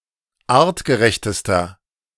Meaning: inflection of artgerecht: 1. strong/mixed nominative masculine singular superlative degree 2. strong genitive/dative feminine singular superlative degree 3. strong genitive plural superlative degree
- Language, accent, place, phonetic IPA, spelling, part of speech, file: German, Germany, Berlin, [ˈaːʁtɡəˌʁɛçtəstɐ], artgerechtester, adjective, De-artgerechtester.ogg